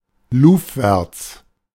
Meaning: 1. aweather 2. windward
- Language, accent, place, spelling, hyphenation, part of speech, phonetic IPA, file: German, Germany, Berlin, luvwärts, luv‧wärts, adverb, [ˈluːfvɛɐts], De-luvwärts.ogg